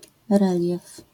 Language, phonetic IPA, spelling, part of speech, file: Polish, [ˈrɛlʲjɛf], relief, noun, LL-Q809 (pol)-relief.wav